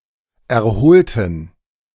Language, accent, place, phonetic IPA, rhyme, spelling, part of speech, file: German, Germany, Berlin, [ɛɐ̯ˈhoːltn̩], -oːltn̩, erholten, adjective / verb, De-erholten.ogg
- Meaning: inflection of erholen: 1. first/third-person plural preterite 2. first/third-person plural subjunctive II